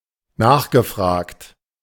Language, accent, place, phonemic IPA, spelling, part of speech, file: German, Germany, Berlin, /ˈnaːχɡəˌfʁaːkt/, nachgefragt, verb / adjective, De-nachgefragt.ogg
- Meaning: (verb) past participle of nachfragen; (adjective) highly desired